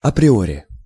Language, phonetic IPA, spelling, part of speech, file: Russian, [ɐprʲɪˈorʲɪ], априори, adverb, Ru-априори.ogg
- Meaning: a priori